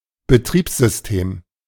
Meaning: operating system
- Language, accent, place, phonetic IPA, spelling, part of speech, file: German, Germany, Berlin, [bəˈtʁiːpszʏsˌteːm], Betriebssystem, noun, De-Betriebssystem.ogg